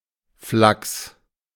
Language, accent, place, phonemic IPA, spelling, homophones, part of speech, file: German, Germany, Berlin, /flaks/, Flachs, Flaks, noun, De-Flachs.ogg
- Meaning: flax